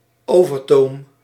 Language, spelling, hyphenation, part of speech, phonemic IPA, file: Dutch, overtoom, over‧toom, noun, /ˈoː.vərˌtoːm/, Nl-overtoom.ogg
- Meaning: overland boat ramp